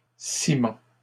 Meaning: plural of ciment
- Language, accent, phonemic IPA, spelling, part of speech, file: French, Canada, /si.mɑ̃/, ciments, noun, LL-Q150 (fra)-ciments.wav